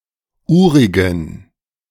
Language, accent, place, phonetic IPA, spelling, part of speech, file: German, Germany, Berlin, [ˈuːʁɪɡn̩], urigen, adjective, De-urigen.ogg
- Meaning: inflection of urig: 1. strong genitive masculine/neuter singular 2. weak/mixed genitive/dative all-gender singular 3. strong/weak/mixed accusative masculine singular 4. strong dative plural